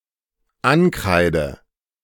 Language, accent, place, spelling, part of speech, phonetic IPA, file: German, Germany, Berlin, ankreide, verb, [ˈanˌkʁaɪ̯də], De-ankreide.ogg
- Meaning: inflection of ankreiden: 1. first-person singular dependent present 2. first/third-person singular dependent subjunctive I